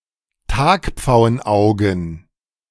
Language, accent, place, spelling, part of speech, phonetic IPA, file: German, Germany, Berlin, Tagpfauenaugen, noun, [ˈtaːkp͡faʊ̯ənˌʔaʊ̯ɡn̩], De-Tagpfauenaugen.ogg
- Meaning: plural of Tagpfauenauge